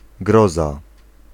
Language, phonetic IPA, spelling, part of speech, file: Polish, [ˈɡrɔza], groza, noun, Pl-groza.ogg